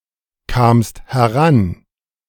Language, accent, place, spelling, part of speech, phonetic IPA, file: German, Germany, Berlin, kamst heran, verb, [kaːmst hɛˈʁan], De-kamst heran.ogg
- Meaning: second-person singular preterite of herankommen